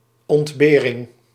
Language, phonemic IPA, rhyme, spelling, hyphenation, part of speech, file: Dutch, /ˌɔntˈbeː.rɪŋ/, -eːrɪŋ, ontbering, ont‧be‧ring, noun, Nl-ontbering.ogg
- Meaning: 1. hardship, ordeal, adversity (difficult event or timespan) 2. deprivation, hardship (state of want)